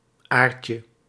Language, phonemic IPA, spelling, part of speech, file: Dutch, /ˈarcə/, aartje, noun, Nl-aartje.ogg
- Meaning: 1. diminutive of aar 2. spikelet